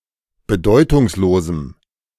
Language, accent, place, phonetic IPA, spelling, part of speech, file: German, Germany, Berlin, [bəˈdɔɪ̯tʊŋsˌloːzm̩], bedeutungslosem, adjective, De-bedeutungslosem.ogg
- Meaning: strong dative masculine/neuter singular of bedeutungslos